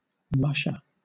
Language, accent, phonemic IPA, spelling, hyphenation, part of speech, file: English, Southern England, /ˈmʌʃə/, musher, mush‧er, noun, LL-Q1860 (eng)-musher.wav
- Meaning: 1. One who drives a dogsled over ice and snow; specifically, one who participates in a dogsled race 2. One who travels over snow, chiefly by dogsled but also by foot